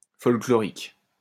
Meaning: 1. folk (related to folklore) 2. outlandish, bizarre, quaint
- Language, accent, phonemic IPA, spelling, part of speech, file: French, France, /fɔl.klɔ.ʁik/, folklorique, adjective, LL-Q150 (fra)-folklorique.wav